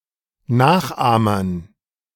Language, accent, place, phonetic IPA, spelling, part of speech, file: German, Germany, Berlin, [ˈnaːxˌʔaːmɐn], Nachahmern, noun, De-Nachahmern.ogg
- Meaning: dative plural of Nachahmer